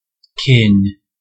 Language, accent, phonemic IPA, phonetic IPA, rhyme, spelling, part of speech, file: English, US, /kɪn/, [k̟ʰɪn], -ɪn, kin, noun / adjective / verb, En-us-kin.ogg
- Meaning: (noun) 1. Race; family; breed; kind 2. Persons of the same race or family; kindred 3. One or more relatives, such as siblings or cousins, taken collectively